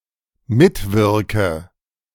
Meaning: inflection of mitwirken: 1. first-person singular dependent present 2. first/third-person singular dependent subjunctive I
- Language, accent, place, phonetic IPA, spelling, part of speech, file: German, Germany, Berlin, [ˈmɪtˌvɪʁkə], mitwirke, verb, De-mitwirke.ogg